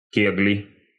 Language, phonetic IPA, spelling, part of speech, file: Russian, [ˈkʲeɡlʲɪ], кегли, noun, Ru-кегли.ogg
- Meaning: inflection of ке́гля (kéglja): 1. genitive singular 2. nominative/accusative plural